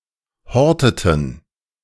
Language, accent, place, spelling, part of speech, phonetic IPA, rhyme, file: German, Germany, Berlin, horteten, verb, [ˈhɔʁtətn̩], -ɔʁtətn̩, De-horteten.ogg
- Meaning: inflection of horten: 1. first/third-person plural preterite 2. first/third-person plural subjunctive II